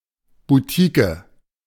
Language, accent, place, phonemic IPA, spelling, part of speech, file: German, Germany, Berlin, /buˈtiːkə/, Butike, noun, De-Butike.ogg
- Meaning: Formerly standard spelling of Boutique which was deprecated in 2011